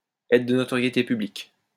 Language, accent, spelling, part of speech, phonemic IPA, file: French, France, être de notoriété publique, verb, /ɛ.tʁə d(ə) nɔ.tɔ.ʁje.te py.blik/, LL-Q150 (fra)-être de notoriété publique.wav
- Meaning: to be common knowledge (that)